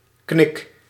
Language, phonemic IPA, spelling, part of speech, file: Dutch, /knɪk/, knik, noun / verb, Nl-knik.ogg
- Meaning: inflection of knikken: 1. first-person singular present indicative 2. second-person singular present indicative 3. imperative